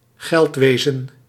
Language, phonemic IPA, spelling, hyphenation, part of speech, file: Dutch, /ˈɣɛltˌʋeː.zə(n)/, geldwezen, geld‧we‧zen, noun, Nl-geldwezen.ogg
- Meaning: finance